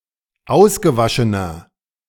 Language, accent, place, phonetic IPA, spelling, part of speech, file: German, Germany, Berlin, [ˈaʊ̯sɡəˌvaʃənɐ], ausgewaschener, adjective, De-ausgewaschener.ogg
- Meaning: inflection of ausgewaschen: 1. strong/mixed nominative masculine singular 2. strong genitive/dative feminine singular 3. strong genitive plural